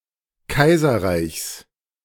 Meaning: genitive singular of Kaiserreich
- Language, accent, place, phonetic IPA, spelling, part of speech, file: German, Germany, Berlin, [ˈkaɪ̯zɐˌʁaɪ̯çs], Kaiserreichs, noun, De-Kaiserreichs.ogg